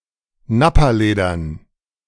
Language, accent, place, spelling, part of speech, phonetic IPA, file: German, Germany, Berlin, Nappaledern, noun, [ˈnapaˌleːdɐn], De-Nappaledern.ogg
- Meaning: dative plural of Nappaleder